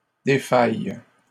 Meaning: third-person plural present subjunctive/indicative of défaillir
- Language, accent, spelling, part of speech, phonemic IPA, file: French, Canada, défaillent, verb, /de.faj/, LL-Q150 (fra)-défaillent.wav